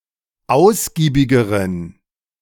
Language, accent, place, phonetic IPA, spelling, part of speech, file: German, Germany, Berlin, [ˈaʊ̯sɡiːbɪɡəʁən], ausgiebigeren, adjective, De-ausgiebigeren.ogg
- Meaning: inflection of ausgiebig: 1. strong genitive masculine/neuter singular comparative degree 2. weak/mixed genitive/dative all-gender singular comparative degree